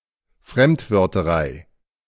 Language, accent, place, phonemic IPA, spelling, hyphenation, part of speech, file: German, Germany, Berlin, /fʁɛmtvœʁtəˈʁaɪ̯/, Fremdwörterei, Fremd‧wör‧te‧rei, noun, De-Fremdwörterei.ogg
- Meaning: overuse of foreign words